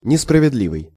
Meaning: unfair
- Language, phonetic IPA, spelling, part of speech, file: Russian, [nʲɪsprəvʲɪdˈlʲivɨj], несправедливый, adjective, Ru-несправедливый.ogg